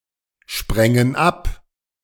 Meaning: first/third-person plural subjunctive II of abspringen
- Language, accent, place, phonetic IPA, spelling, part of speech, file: German, Germany, Berlin, [ˌʃpʁɛŋən ˈap], sprängen ab, verb, De-sprängen ab.ogg